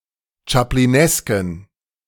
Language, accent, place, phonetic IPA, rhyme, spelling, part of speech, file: German, Germany, Berlin, [t͡ʃapliˈnɛskn̩], -ɛskn̩, chaplinesken, adjective, De-chaplinesken.ogg
- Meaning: inflection of chaplinesk: 1. strong genitive masculine/neuter singular 2. weak/mixed genitive/dative all-gender singular 3. strong/weak/mixed accusative masculine singular 4. strong dative plural